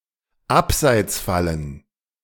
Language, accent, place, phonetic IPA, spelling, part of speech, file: German, Germany, Berlin, [ˈapzaɪ̯t͡sˌfalən], Abseitsfallen, noun, De-Abseitsfallen.ogg
- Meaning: plural of Abseitsfalle